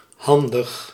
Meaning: 1. handy, convenient, practical 2. handy, capable, dexterous 3. clever, crafty, cunning 4. resourceful, clever
- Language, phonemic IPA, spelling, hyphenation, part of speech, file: Dutch, /ˈɦɑn.dəx/, handig, han‧dig, adjective, Nl-handig.ogg